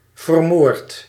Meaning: inflection of vermoorden: 1. first-person singular present indicative 2. second-person singular present indicative 3. imperative
- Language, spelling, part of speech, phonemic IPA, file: Dutch, vermoord, verb, /vərˈmort/, Nl-vermoord.ogg